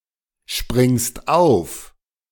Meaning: second-person singular present of aufspringen
- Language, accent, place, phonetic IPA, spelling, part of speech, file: German, Germany, Berlin, [ˌʃpʁɪŋst ˈaʊ̯f], springst auf, verb, De-springst auf.ogg